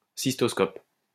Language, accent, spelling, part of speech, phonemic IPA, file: French, France, cystoscope, noun, /sis.tɔs.kɔp/, LL-Q150 (fra)-cystoscope.wav
- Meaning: cystoscope